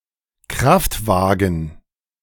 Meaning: car, automobile
- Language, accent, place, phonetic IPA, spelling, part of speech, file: German, Germany, Berlin, [ˈkʁaftvaːɡən], Kraftwagen, noun, De-Kraftwagen.ogg